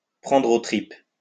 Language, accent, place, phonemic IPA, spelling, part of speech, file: French, France, Lyon, /pʁɑ̃.dʁ‿o tʁip/, prendre aux tripes, verb, LL-Q150 (fra)-prendre aux tripes.wav
- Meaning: to be gut-wrenching (to be very moving, to be poignant)